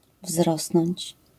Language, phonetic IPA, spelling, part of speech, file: Polish, [ˈvzrɔsnɔ̃ɲt͡ɕ], wzrosnąć, verb, LL-Q809 (pol)-wzrosnąć.wav